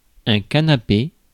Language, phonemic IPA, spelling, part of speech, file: French, /ka.na.pe/, canapé, noun, Fr-canapé.ogg
- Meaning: 1. sofa 2. piece of bread covered with some savory (finger) food 3. nibble (small bits of food, e.g. at a party)